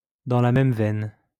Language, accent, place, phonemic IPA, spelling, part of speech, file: French, France, Lyon, /dɑ̃ la mɛm vɛn/, dans la même veine, adverb, LL-Q150 (fra)-dans la même veine.wav
- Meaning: in the same vein